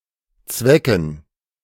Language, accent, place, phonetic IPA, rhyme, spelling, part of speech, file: German, Germany, Berlin, [ˈt͡svɛkn̩], -ɛkn̩, Zwecken, noun, De-Zwecken.ogg
- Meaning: plural of Zwecke